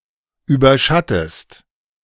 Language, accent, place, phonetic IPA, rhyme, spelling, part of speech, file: German, Germany, Berlin, [ˌyːbɐˈʃatəst], -atəst, überschattest, verb, De-überschattest.ogg
- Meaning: inflection of überschatten: 1. second-person singular present 2. second-person singular subjunctive I